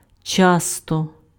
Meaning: frequently, often
- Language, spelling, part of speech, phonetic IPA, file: Ukrainian, часто, adverb, [ˈt͡ʃastɔ], Uk-часто.ogg